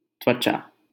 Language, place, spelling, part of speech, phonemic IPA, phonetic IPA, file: Hindi, Delhi, त्वचा, noun, /t̪ʋə.t͡ʃɑː/, [t̪wɐ.t͡ʃäː], LL-Q1568 (hin)-त्वचा.wav
- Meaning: skin